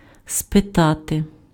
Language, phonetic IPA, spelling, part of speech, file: Ukrainian, [speˈtate], спитати, verb, Uk-спитати.ogg
- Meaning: to ask